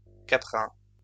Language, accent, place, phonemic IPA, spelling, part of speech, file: French, France, Lyon, /ka.pʁɛ̃/, caprin, adjective / noun, LL-Q150 (fra)-caprin.wav
- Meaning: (adjective) caprine; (noun) 1. caprid, goat antelope 2. goat, domestic goat